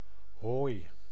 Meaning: 1. hay (dried grass) 2. grass intended to be used as hay, grass to be mown
- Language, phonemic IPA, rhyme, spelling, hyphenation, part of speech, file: Dutch, /ɦoːi̯/, -oːi̯, hooi, hooi, noun, Nl-hooi.ogg